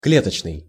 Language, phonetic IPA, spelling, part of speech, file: Russian, [ˈklʲetət͡ɕnɨj], клеточный, adjective, Ru-клеточный.ogg
- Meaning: 1. cage, coop 2. cell; cellular